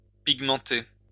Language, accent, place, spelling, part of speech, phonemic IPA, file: French, France, Lyon, pigmenter, verb, /piɡ.mɑ̃.te/, LL-Q150 (fra)-pigmenter.wav
- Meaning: to pigment